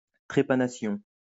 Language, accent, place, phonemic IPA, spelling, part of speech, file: French, France, Lyon, /tʁe.pa.na.sjɔ̃/, trépanation, noun, LL-Q150 (fra)-trépanation.wav
- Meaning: trepanation